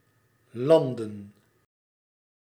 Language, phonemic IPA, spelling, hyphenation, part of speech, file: Dutch, /ˈlɑn.də(n)/, landen, lan‧den, verb / noun, Nl-landen.ogg
- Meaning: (verb) 1. to (arrive on) land from the air (for birds, airplanes) 2. to land, bring an aircraft or other vehicle (down) to land 3. to (arrive on) land by ship